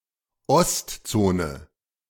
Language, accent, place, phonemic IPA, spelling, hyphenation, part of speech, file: German, Germany, Berlin, /ˈɔstˌt͡soːnə/, Ostzone, Ost‧zo‧ne, proper noun, De-Ostzone.ogg
- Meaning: 1. the Soviet occupation zone in Germany 2. the German Democratic Republic (West German designation)